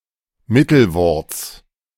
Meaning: genitive singular of Mittelwort
- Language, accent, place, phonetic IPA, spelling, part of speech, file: German, Germany, Berlin, [ˈmɪtl̩ˌvɔʁt͡s], Mittelworts, noun, De-Mittelworts.ogg